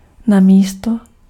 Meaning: in lieu of, instead of, rather than
- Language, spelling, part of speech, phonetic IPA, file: Czech, namísto, preposition, [ˈnamiːsto], Cs-namísto.ogg